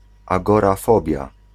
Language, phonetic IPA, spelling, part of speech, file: Polish, [ˌaɡɔraˈfɔbʲja], agorafobia, noun, Pl-agorafobia.ogg